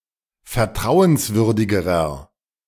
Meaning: inflection of vertrauenswürdig: 1. strong/mixed nominative masculine singular comparative degree 2. strong genitive/dative feminine singular comparative degree
- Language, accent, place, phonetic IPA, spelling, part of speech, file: German, Germany, Berlin, [fɛɐ̯ˈtʁaʊ̯ənsˌvʏʁdɪɡəʁɐ], vertrauenswürdigerer, adjective, De-vertrauenswürdigerer.ogg